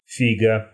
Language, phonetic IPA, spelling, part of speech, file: Russian, [ˈfʲiɡə], фига, noun, Ru-фи́га.ogg
- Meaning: 1. fig (fruit, wood, or tree) 2. a rude gesture, in which the hand is in the form of a fist with the thumb placed between the index and middle fingers 3. genitive singular of фиг (fig)